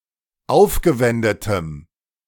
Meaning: strong dative masculine/neuter singular of aufgewendet
- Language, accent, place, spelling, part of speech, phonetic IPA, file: German, Germany, Berlin, aufgewendetem, adjective, [ˈaʊ̯fɡəˌvɛndətəm], De-aufgewendetem.ogg